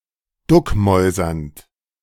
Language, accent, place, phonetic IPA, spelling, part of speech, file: German, Germany, Berlin, [ˈdʊkˌmɔɪ̯zɐnt], duckmäusernd, verb, De-duckmäusernd.ogg
- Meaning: present participle of duckmäusern